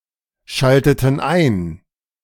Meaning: inflection of einschalten: 1. first/third-person plural preterite 2. first/third-person plural subjunctive II
- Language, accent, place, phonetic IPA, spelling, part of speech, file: German, Germany, Berlin, [ˌʃaltətn̩ ˈaɪ̯n], schalteten ein, verb, De-schalteten ein.ogg